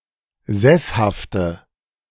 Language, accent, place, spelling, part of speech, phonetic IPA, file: German, Germany, Berlin, sesshafte, adjective, [ˈzɛshaftə], De-sesshafte.ogg
- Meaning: inflection of sesshaft: 1. strong/mixed nominative/accusative feminine singular 2. strong nominative/accusative plural 3. weak nominative all-gender singular